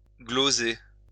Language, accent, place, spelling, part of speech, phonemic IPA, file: French, France, Lyon, gloser, verb, /ɡlo.ze/, LL-Q150 (fra)-gloser.wav
- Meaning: 1. to annotate, gloss 2. to ramble on (sur about)